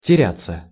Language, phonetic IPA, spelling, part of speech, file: Russian, [tʲɪˈrʲat͡sːə], теряться, verb, Ru-теряться.ogg
- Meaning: 1. to get lost, to disappear 2. to lose one's way 3. to lose one's presence of mind, to get flustered 4. to fail, to weaken (eyesight, hearing, memory, etc.) 5. passive of теря́ть (terjátʹ)